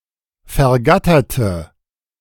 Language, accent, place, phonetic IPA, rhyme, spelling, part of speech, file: German, Germany, Berlin, [fɛɐ̯ˈɡatɐtə], -atɐtə, vergatterte, adjective / verb, De-vergatterte.ogg
- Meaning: inflection of vergattern: 1. first/third-person singular preterite 2. first/third-person singular subjunctive II